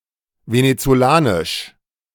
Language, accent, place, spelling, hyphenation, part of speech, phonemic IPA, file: German, Germany, Berlin, venezolanisch, ve‧ne‧zo‧la‧nisch, adjective, /ˌvenet͡soˈlaːnɪʃ/, De-venezolanisch.ogg
- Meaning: Venezuelan